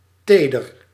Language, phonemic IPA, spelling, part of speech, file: Dutch, /ˈtedər/, teder, adjective, Nl-teder.ogg
- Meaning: 1. delicate, dainty 2. gentle, tender, with care 3. sensitive, tender, easily hurt or damaged